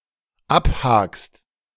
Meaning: second-person singular dependent present of abhaken
- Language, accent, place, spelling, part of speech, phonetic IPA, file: German, Germany, Berlin, abhakst, verb, [ˈapˌhaːkst], De-abhakst.ogg